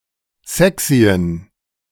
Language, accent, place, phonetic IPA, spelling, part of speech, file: German, Germany, Berlin, [ˈzɛksiən], sexyen, adjective, De-sexyen.ogg
- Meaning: inflection of sexy: 1. strong genitive masculine/neuter singular 2. weak/mixed genitive/dative all-gender singular 3. strong/weak/mixed accusative masculine singular 4. strong dative plural